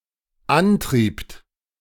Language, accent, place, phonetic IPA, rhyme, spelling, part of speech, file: German, Germany, Berlin, [ˈanˌtʁiːpt], -antʁiːpt, antriebt, verb, De-antriebt.ogg
- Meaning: second-person plural dependent preterite of antreiben